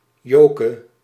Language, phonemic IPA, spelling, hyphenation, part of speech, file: Dutch, /ˈjoː.kə/, Joke, Jo‧ke, proper noun, Nl-Joke.ogg
- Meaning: a diminutive of the female given name Jo